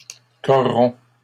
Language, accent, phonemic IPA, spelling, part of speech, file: French, Canada, /kɔ.ʁɔ̃/, corromps, verb, LL-Q150 (fra)-corromps.wav
- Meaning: inflection of corrompre: 1. first/second-person singular present indicative 2. second-person singular imperative